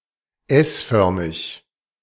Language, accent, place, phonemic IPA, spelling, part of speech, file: German, Germany, Berlin, /ˈɛsˌfœʁmɪç/, s-förmig, adjective, De-s-förmig.ogg
- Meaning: S-shaped